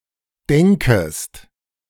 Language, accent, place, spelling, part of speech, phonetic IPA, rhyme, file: German, Germany, Berlin, denkest, verb, [ˈdɛŋkəst], -ɛŋkəst, De-denkest.ogg
- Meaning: second-person singular subjunctive I of denken